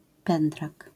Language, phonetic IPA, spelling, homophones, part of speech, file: Polish, [ˈpɛ̃ndrak], pędrak, pendrak, noun, LL-Q809 (pol)-pędrak.wav